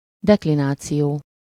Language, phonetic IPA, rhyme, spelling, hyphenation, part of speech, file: Hungarian, [ˈdɛklinaːt͡sijoː], -joː, deklináció, dek‧li‧ná‧ció, noun, Hu-deklináció.ogg
- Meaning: declension